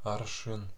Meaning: 1. arshin 2. yardstick (standard to which other measurements or comparisons are judged)
- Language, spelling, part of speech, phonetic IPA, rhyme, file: Russian, аршин, noun, [ɐrˈʂɨn], -ɨn, Ru-аршин.ogg